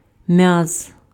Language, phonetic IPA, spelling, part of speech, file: Ukrainian, [mjaz], м'яз, noun, Uk-м'яз.ogg
- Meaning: muscle